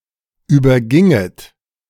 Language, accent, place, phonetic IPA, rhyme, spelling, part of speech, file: German, Germany, Berlin, [ˌyːbɐˈɡɪŋət], -ɪŋət, überginget, verb, De-überginget.ogg
- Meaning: second-person plural subjunctive I of übergehen